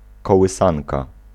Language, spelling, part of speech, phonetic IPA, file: Polish, kołysanka, noun, [ˌkɔwɨˈsãnka], Pl-kołysanka.ogg